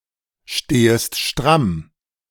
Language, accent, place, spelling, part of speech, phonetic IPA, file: German, Germany, Berlin, stehest stramm, verb, [ˌʃteːəst ˈʃtʁam], De-stehest stramm.ogg
- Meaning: second-person singular subjunctive I of strammstehen